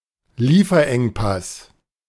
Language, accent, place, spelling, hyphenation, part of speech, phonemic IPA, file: German, Germany, Berlin, Lieferengpass, Lie‧fer‧eng‧pass, noun, /ˈliːfɐˌʔɛŋpas/, De-Lieferengpass.ogg
- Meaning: supply bottleneck